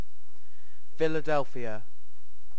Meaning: 1. The largest city in Pennsylvania, United States, and the county seat of coterminous Philadelphia County; the former capital of the United States 2. Former name of Amman: the capital of Jordan
- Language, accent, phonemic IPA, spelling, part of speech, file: English, UK, /fɪləˈdɛlfi.ə/, Philadelphia, proper noun, En-uk-Philadelphia.ogg